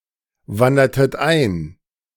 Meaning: inflection of einwandern: 1. second-person plural preterite 2. second-person plural subjunctive II
- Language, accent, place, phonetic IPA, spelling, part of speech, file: German, Germany, Berlin, [ˌvandɐtət ˈaɪ̯n], wandertet ein, verb, De-wandertet ein.ogg